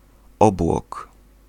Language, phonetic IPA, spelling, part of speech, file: Polish, [ˈɔbwɔk], obłok, noun, Pl-obłok.ogg